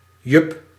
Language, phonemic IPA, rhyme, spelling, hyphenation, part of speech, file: Dutch, /jʏp/, -ʏp, yup, yup, noun, Nl-yup.ogg
- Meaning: yuppie (young upwardly mobile urban professional person)